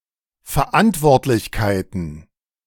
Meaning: plural of Verantwortlichkeit
- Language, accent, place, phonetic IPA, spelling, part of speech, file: German, Germany, Berlin, [fɛɐ̯ˈʔantvɔʁtlɪçkaɪ̯tn̩], Verantwortlichkeiten, noun, De-Verantwortlichkeiten.ogg